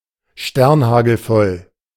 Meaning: dead drunk
- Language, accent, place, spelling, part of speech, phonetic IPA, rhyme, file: German, Germany, Berlin, sternhagelvoll, adjective, [ˈʃtɛʁnˌhaːɡl̩ˈfɔl], -ɔl, De-sternhagelvoll.ogg